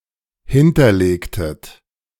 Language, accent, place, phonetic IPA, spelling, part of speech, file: German, Germany, Berlin, [ˈhɪntɐˌleːktət], hinterlegtet, verb, De-hinterlegtet.ogg
- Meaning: inflection of hinterlegen: 1. second-person plural preterite 2. second-person plural subjunctive II